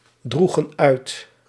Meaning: inflection of uitdragen: 1. plural past indicative 2. plural past subjunctive
- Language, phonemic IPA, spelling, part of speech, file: Dutch, /ˈdruɣə(n) ˈœyt/, droegen uit, verb, Nl-droegen uit.ogg